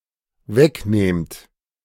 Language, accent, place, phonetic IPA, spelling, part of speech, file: German, Germany, Berlin, [ˈvɛkˌneːmt], wegnehmt, verb, De-wegnehmt.ogg
- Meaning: second-person plural dependent present of wegnehmen